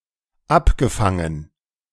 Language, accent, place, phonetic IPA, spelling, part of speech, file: German, Germany, Berlin, [ˈapɡəˌfaŋən], abgefangen, verb, De-abgefangen.ogg
- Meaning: past participle of abfangen